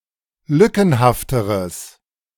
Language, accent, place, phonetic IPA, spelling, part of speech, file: German, Germany, Berlin, [ˈlʏkn̩haftəʁəs], lückenhafteres, adjective, De-lückenhafteres.ogg
- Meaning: strong/mixed nominative/accusative neuter singular comparative degree of lückenhaft